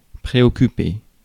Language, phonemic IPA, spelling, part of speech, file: French, /pʁe.ɔ.ky.pe/, préoccuper, verb, Fr-préoccuper.ogg
- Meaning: 1. to concern, preoccupy 2. to be concerned, preoccupied 3. to care 4. to mind, to be bothered